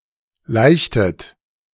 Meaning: inflection of laichen: 1. second-person plural preterite 2. second-person plural subjunctive II
- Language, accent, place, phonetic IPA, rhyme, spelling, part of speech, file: German, Germany, Berlin, [ˈlaɪ̯çtət], -aɪ̯çtət, laichtet, verb, De-laichtet.ogg